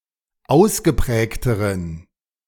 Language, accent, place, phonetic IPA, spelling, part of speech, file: German, Germany, Berlin, [ˈaʊ̯sɡəˌpʁɛːktəʁən], ausgeprägteren, adjective, De-ausgeprägteren.ogg
- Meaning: inflection of ausgeprägt: 1. strong genitive masculine/neuter singular comparative degree 2. weak/mixed genitive/dative all-gender singular comparative degree